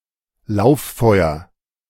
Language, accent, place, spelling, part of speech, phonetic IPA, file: German, Germany, Berlin, Lauffeuer, noun, [ˈlaʊ̯fˌfɔɪ̯ɐ], De-Lauffeuer.ogg
- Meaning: wildfire, rapidly-spreading fire